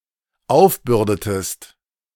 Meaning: inflection of aufbürden: 1. second-person singular dependent preterite 2. second-person singular dependent subjunctive II
- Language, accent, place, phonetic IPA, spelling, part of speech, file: German, Germany, Berlin, [ˈaʊ̯fˌbʏʁdətəst], aufbürdetest, verb, De-aufbürdetest.ogg